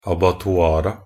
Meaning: definite plural of abattoir
- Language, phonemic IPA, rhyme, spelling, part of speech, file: Norwegian Bokmål, /abatɔˈɑːra/, -ɑːra, abattoira, noun, Nb-abattoira.ogg